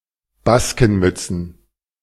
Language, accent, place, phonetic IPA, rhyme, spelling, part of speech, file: German, Germany, Berlin, [ˈbaskn̩ˌmʏt͡sn̩], -askn̩mʏt͡sn̩, Baskenmützen, noun, De-Baskenmützen.ogg
- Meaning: plural of Baskenmütze